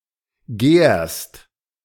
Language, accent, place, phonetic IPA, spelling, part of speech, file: German, Germany, Berlin, [ɡɛːʁst], gärst, verb, De-gärst.ogg
- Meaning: second-person singular present of gären